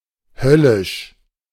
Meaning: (adjective) infernal, hellish; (adverb) like hell, damn
- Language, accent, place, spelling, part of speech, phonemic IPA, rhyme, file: German, Germany, Berlin, höllisch, adjective / adverb, /ˈhœlɪʃ/, -ɪʃ, De-höllisch.ogg